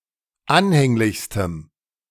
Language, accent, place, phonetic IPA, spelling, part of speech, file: German, Germany, Berlin, [ˈanhɛŋlɪçstəm], anhänglichstem, adjective, De-anhänglichstem.ogg
- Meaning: strong dative masculine/neuter singular superlative degree of anhänglich